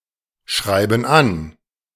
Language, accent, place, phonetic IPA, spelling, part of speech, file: German, Germany, Berlin, [ˌʃʁaɪ̯bn̩ ˈan], schreiben an, verb, De-schreiben an.ogg
- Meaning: inflection of anschreiben: 1. first/third-person plural present 2. first/third-person plural subjunctive I